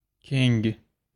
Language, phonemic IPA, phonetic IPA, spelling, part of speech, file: Uzbek, /keŋ(ɡ)/, [kʰeŋ̟(ɡ̟̊)], keng, adjective, Uz-keng.ogg
- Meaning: 1. broad, wide 2. vast, spacious 3. extensive, widespread